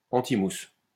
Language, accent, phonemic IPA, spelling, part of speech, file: French, France, /ɑ̃.ti.mus/, antimousse, noun, LL-Q150 (fra)-antimousse.wav
- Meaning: defoamer